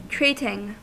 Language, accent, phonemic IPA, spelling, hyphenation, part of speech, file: English, US, /ˈtɹiːtɪŋ/, treating, treat‧ing, verb / noun, En-us-treating.ogg
- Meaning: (verb) present participle and gerund of treat; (noun) Treatment